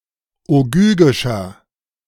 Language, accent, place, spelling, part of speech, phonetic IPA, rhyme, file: German, Germany, Berlin, ogygischer, adjective, [oˈɡyːɡɪʃɐ], -yːɡɪʃɐ, De-ogygischer.ogg
- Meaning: inflection of ogygisch: 1. strong/mixed nominative masculine singular 2. strong genitive/dative feminine singular 3. strong genitive plural